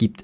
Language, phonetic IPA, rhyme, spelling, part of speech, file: German, [ɡiːpt], -iːpt, gibt, verb, De-gibt.ogg